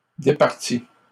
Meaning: inflection of départir: 1. third-person singular present indicative 2. third-person singular past historic
- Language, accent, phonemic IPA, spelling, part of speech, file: French, Canada, /de.paʁ.ti/, départit, verb, LL-Q150 (fra)-départit.wav